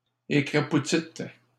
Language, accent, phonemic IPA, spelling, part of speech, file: French, Canada, /e.kʁa.pu.tit/, écrapoutîtes, verb, LL-Q150 (fra)-écrapoutîtes.wav
- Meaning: second-person plural past historic of écrapoutir